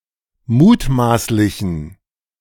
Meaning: inflection of mutmaßlich: 1. strong genitive masculine/neuter singular 2. weak/mixed genitive/dative all-gender singular 3. strong/weak/mixed accusative masculine singular 4. strong dative plural
- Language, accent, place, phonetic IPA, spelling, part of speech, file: German, Germany, Berlin, [ˈmuːtˌmaːslɪçn̩], mutmaßlichen, adjective, De-mutmaßlichen.ogg